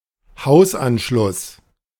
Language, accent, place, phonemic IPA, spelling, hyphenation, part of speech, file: German, Germany, Berlin, /ˈhaʊ̯sˌʔanʃlʊs/, Hausanschluss, Haus‧an‧schluss, noun, De-Hausanschluss.ogg
- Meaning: house connection